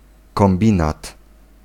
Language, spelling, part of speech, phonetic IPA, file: Polish, kombinat, noun, [kɔ̃mˈbʲĩnat], Pl-kombinat.ogg